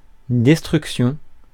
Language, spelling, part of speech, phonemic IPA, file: French, destruction, noun, /dɛs.tʁyk.sjɔ̃/, Fr-destruction.ogg
- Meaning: destruction